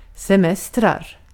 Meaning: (noun) indefinite plural of semester; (verb) present indicative of semestra
- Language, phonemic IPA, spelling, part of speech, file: Swedish, /sɛˈmɛstrar/, semestrar, noun / verb, Sv-semestrar.ogg